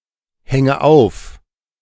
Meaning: inflection of aufhängen: 1. first-person singular present 2. first/third-person singular subjunctive I 3. singular imperative
- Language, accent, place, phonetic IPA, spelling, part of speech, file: German, Germany, Berlin, [ˌhɛŋə ˈaʊ̯f], hänge auf, verb, De-hänge auf.ogg